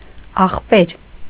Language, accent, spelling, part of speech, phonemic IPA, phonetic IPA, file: Armenian, Eastern Armenian, ախպեր, noun, /ɑχˈpeɾ/, [ɑχpéɾ], Hy-ախպեր.ogg
- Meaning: alternative form of եղբայր (eġbayr)